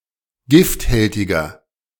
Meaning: inflection of gifthältig: 1. strong/mixed nominative masculine singular 2. strong genitive/dative feminine singular 3. strong genitive plural
- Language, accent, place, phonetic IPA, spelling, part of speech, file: German, Germany, Berlin, [ˈɡɪftˌhɛltɪɡɐ], gifthältiger, adjective, De-gifthältiger.ogg